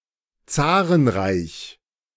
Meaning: empire ruled by a tsar; tsardom
- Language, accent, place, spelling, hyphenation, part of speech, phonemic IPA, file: German, Germany, Berlin, Zarenreich, Za‧ren‧reich, noun, /ˈt͡saːʁənˌʁaɪ̯ç/, De-Zarenreich.ogg